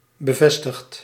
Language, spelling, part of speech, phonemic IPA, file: Dutch, bevestigt, verb, /bəˈvɛstəxt/, Nl-bevestigt.ogg
- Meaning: inflection of bevestigen: 1. second/third-person singular present indicative 2. plural imperative